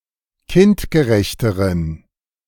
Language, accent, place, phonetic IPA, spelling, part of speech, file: German, Germany, Berlin, [ˈkɪntɡəˌʁɛçtəʁən], kindgerechteren, adjective, De-kindgerechteren.ogg
- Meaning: inflection of kindgerecht: 1. strong genitive masculine/neuter singular comparative degree 2. weak/mixed genitive/dative all-gender singular comparative degree